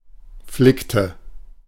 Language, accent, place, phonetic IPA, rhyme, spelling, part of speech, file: German, Germany, Berlin, [ˈflɪktə], -ɪktə, flickte, verb, De-flickte.ogg
- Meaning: inflection of flicken: 1. first/third-person singular preterite 2. first/third-person singular subjunctive II